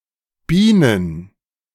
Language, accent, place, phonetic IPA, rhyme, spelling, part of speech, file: German, Germany, Berlin, [ˈbiːnən], -iːnən, Bienen, noun, De-Bienen.ogg
- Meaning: plural of Biene